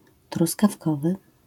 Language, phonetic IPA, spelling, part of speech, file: Polish, [ˌtruskafˈkɔvɨ], truskawkowy, adjective, LL-Q809 (pol)-truskawkowy.wav